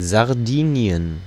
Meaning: Sardinia (an island and autonomous region of Italy, in the Mediterranean Sea)
- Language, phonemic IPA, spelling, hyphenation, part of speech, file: German, /zaʁˈdiːni̯ən/, Sardinien, Sar‧di‧ni‧en, proper noun, De-Sardinien.ogg